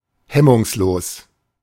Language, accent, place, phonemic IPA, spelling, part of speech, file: German, Germany, Berlin, /ˈhɛmʊŋsˌloːs/, hemmungslos, adjective, De-hemmungslos.ogg
- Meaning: unrestrained